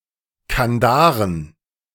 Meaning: plural of Kandare
- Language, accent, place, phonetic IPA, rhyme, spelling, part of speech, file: German, Germany, Berlin, [kanˈdaːʁən], -aːʁən, Kandaren, noun, De-Kandaren.ogg